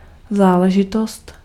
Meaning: 1. business (something involving one personally) 2. matter
- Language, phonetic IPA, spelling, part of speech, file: Czech, [ˈzaːlɛʒɪtost], záležitost, noun, Cs-záležitost.ogg